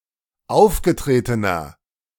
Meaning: inflection of aufgetreten: 1. strong/mixed nominative masculine singular 2. strong genitive/dative feminine singular 3. strong genitive plural
- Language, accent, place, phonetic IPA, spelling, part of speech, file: German, Germany, Berlin, [ˈaʊ̯fɡəˌtʁeːtənɐ], aufgetretener, adjective, De-aufgetretener.ogg